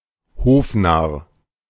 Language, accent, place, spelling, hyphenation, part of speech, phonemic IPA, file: German, Germany, Berlin, Hofnarr, Hof‧narr, noun, /ˈhoːfˌnaʁ/, De-Hofnarr.ogg
- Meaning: fool, (court) jester